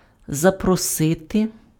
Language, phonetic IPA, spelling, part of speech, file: Ukrainian, [zɐprɔˈsɪte], запросити, verb, Uk-запросити.ogg
- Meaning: 1. to invite 2. to propose